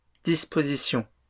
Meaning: plural of disposition
- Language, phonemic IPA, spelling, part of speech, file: French, /dis.po.zi.sjɔ̃/, dispositions, noun, LL-Q150 (fra)-dispositions.wav